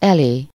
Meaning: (postposition) to in front of; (pronoun) synonym of eléje
- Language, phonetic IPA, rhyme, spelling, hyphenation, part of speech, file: Hungarian, [ˈɛleː], -leː, elé, elé, postposition / pronoun, Hu-elé.ogg